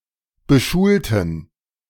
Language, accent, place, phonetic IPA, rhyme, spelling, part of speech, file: German, Germany, Berlin, [bəˈʃuːltn̩], -uːltn̩, beschulten, adjective / verb, De-beschulten.ogg
- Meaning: inflection of beschulen: 1. first/third-person plural preterite 2. first/third-person plural subjunctive II